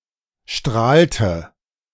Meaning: inflection of strahlen: 1. first/third-person singular preterite 2. first/third-person singular subjunctive II
- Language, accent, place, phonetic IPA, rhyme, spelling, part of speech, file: German, Germany, Berlin, [ˈʃtʁaːltə], -aːltə, strahlte, verb, De-strahlte.ogg